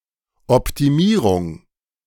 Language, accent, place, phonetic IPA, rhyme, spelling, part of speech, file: German, Germany, Berlin, [ɔptiˈmiːʁʊŋ], -iːʁʊŋ, Optimierung, noun, De-Optimierung.ogg
- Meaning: optimization (the design and operation of a system or process to make it as good as possible in some defined sense)